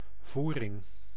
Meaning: lining of a garment, underlay
- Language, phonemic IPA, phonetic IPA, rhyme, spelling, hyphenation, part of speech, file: Dutch, /ˈvu.rɪŋ/, [ˈvuːrɪŋ], -urɪŋ, voering, voe‧ring, noun, Nl-voering.ogg